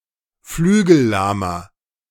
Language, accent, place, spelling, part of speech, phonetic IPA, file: German, Germany, Berlin, flügellahmer, adjective, [ˈflyːɡl̩ˌlaːmɐ], De-flügellahmer.ogg
- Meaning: inflection of flügellahm: 1. strong/mixed nominative masculine singular 2. strong genitive/dative feminine singular 3. strong genitive plural